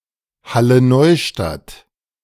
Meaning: Halle-Neustadt (a former autonomous city in East Germany, in modern Germany)
- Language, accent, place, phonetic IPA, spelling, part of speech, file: German, Germany, Berlin, [ˌhaləˈnɔɪ̯ʃtat], Halle-Neustadt, phrase, De-Halle-Neustadt.ogg